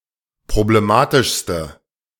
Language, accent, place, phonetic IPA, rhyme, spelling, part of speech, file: German, Germany, Berlin, [pʁobleˈmaːtɪʃstə], -aːtɪʃstə, problematischste, adjective, De-problematischste.ogg
- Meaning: inflection of problematisch: 1. strong/mixed nominative/accusative feminine singular superlative degree 2. strong nominative/accusative plural superlative degree